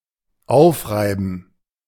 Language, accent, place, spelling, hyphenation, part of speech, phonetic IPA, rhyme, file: German, Germany, Berlin, aufreiben, auf‧rei‧ben, verb, [ˈaʊ̯fʁaɪ̯bən], -aɪ̯bən, De-aufreiben.ogg
- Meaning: 1. to rub sore 2. to wear down 3. to wipe out